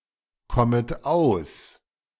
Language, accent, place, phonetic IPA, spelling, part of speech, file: German, Germany, Berlin, [ˌkɔmət ˈaʊ̯s], kommet aus, verb, De-kommet aus.ogg
- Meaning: second-person plural subjunctive I of auskommen